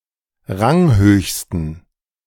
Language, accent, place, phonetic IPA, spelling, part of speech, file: German, Germany, Berlin, [ˈʁaŋˌhøːçstn̩], ranghöchsten, adjective, De-ranghöchsten.ogg
- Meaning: superlative degree of ranghoch